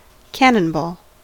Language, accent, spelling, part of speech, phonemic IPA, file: English, US, cannonball, noun / verb, /ˈkænənˌbɔːl/, En-us-cannonball.ogg
- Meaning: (noun) A spherical projectile fired from a smoothbore cannon